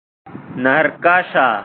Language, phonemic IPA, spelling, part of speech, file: Pashto, /nərkɑʃa/, نرکاشه, noun, Narkasha.ogg
- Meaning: impala